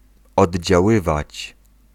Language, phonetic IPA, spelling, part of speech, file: Polish, [ˌɔdʲd͡ʑaˈwɨvat͡ɕ], oddziaływać, verb, Pl-oddziaływać.ogg